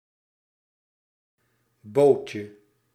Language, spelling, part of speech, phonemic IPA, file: Dutch, bootje, noun, /ˈbocə/, Nl-bootje.ogg
- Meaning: diminutive of boot